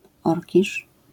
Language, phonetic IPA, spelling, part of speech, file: Polish, [ˈɔrʲciʃ], orkisz, noun, LL-Q809 (pol)-orkisz.wav